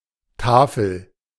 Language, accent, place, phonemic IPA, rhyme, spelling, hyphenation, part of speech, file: German, Germany, Berlin, /ˈtaːfl̩/, -aːfl̩, Tafel, Ta‧fel, noun, De-Tafel.ogg
- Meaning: 1. panel, board (e.g., wooden panel) 2. table (raised dinner table or elevated long table, e.g., one at a banquet) 3. slab, tablet 4. plaque 5. blackboard, chalkboard 6. plate, sheet (of metal)